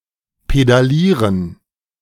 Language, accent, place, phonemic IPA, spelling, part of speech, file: German, Germany, Berlin, /pedaˈliːʁən/, pedalieren, verb, De-pedalieren.ogg
- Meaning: to pedal, to cycle